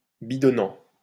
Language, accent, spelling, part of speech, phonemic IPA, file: French, France, bidonnant, verb / adjective, /bi.dɔ.nɑ̃/, LL-Q150 (fra)-bidonnant.wav
- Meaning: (verb) present participle of bidonner; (adjective) funny, amusing